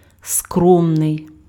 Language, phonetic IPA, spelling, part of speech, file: Ukrainian, [ˈskrɔmnei̯], скромний, adjective, Uk-скромний.ogg
- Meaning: humble, modest